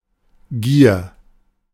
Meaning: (noun) greed; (proper noun) a surname
- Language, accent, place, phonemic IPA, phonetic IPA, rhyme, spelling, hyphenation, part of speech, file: German, Germany, Berlin, /ɡiːr/, [ɡiːɐ̯], -iːɐ̯, Gier, Gier, noun / proper noun, De-Gier.ogg